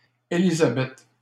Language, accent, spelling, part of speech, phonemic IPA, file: French, Canada, Élisabeth, proper noun, /e.li.za.bɛt/, LL-Q150 (fra)-Élisabeth.wav
- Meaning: 1. Elizabeth, Elisabeth (mother of John the Baptist) 2. a female given name originating from the Bible